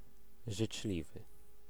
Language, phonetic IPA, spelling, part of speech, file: Polish, [ʒɨt͡ʃˈlʲivɨ], życzliwy, adjective / noun, Pl-życzliwy.ogg